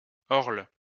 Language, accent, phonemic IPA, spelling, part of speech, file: French, France, /ɔʁl/, orle, noun, LL-Q150 (fra)-orle.wav
- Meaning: 1. orle, bordure 2. orle